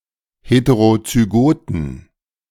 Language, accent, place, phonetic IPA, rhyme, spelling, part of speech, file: German, Germany, Berlin, [ˌheteʁot͡syˈɡoːtn̩], -oːtn̩, heterozygoten, adjective, De-heterozygoten.ogg
- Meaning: inflection of heterozygot: 1. strong genitive masculine/neuter singular 2. weak/mixed genitive/dative all-gender singular 3. strong/weak/mixed accusative masculine singular 4. strong dative plural